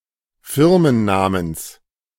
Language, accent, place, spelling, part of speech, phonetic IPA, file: German, Germany, Berlin, Firmennamens, noun, [ˈfɪʁmənˌnaːməns], De-Firmennamens.ogg
- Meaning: genitive singular of Firmenname